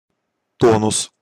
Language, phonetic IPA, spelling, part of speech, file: Russian, [ˈtonʊs], тонус, noun, Ru-тонус.ogg
- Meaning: 1. tone 2. energy, vigour